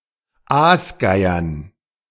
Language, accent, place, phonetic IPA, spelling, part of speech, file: German, Germany, Berlin, [ˈaːsˌɡaɪ̯ɐn], Aasgeiern, noun, De-Aasgeiern.ogg
- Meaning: dative plural of Aasgeier